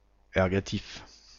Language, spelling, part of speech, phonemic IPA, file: French, ergatif, adjective / noun, /ɛʁ.ɡa.tif/, Ergatif-FR.ogg
- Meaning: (adjective) ergative; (noun) ergative, ergative case (case used to indicate the agent of a verb)